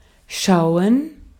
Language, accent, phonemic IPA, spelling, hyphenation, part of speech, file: German, Austria, /ˈʃaʊ̯ən/, schauen, schau‧en, verb, De-at-schauen.ogg
- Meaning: 1. to watch, to view (a movie or other performance) 2. to look (at something, at a certain location, in a certain direction, in a certain way)